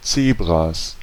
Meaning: plural of Zebra
- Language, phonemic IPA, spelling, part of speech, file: German, /ˈtseːbʁas/, Zebras, noun, De-Zebras.ogg